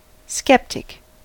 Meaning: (noun) Alternative spelling of skeptic
- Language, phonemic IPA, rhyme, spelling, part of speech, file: English, /ˈskɛp.tɪk/, -ɛptɪk, sceptic, noun / adjective, En-us-sceptic.ogg